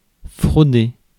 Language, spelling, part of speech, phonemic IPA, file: French, frauder, verb, /fʁo.de/, Fr-frauder.ogg
- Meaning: to commit fraud